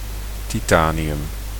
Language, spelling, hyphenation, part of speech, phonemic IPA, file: Dutch, titanium, ti‧ta‧ni‧um, noun, /ˌtiˈtaː.ni.ʏm/, Nl-titanium.ogg
- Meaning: titanium